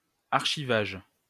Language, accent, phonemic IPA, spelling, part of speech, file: French, France, /aʁ.ʃi.vaʒ/, archivage, noun, LL-Q150 (fra)-archivage.wav
- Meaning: 1. filing 2. archiving